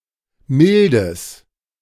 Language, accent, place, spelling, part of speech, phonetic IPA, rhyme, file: German, Germany, Berlin, mildes, adjective, [ˈmɪldəs], -ɪldəs, De-mildes.ogg
- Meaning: strong/mixed nominative/accusative neuter singular of mild